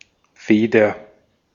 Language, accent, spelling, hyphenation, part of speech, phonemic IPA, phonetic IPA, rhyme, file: German, Austria, Feder, Fe‧der, noun / proper noun, /ˈfeːdər/, [ˈfeː.dɐ], -eːdɐ, De-at-Feder.ogg
- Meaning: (noun) 1. feather 2. spring (of a machine or gadget) 3. quill pen 4. nib (of a fountain pen) 5. penholder, fountain pen; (proper noun) a surname, equivalent to English Feather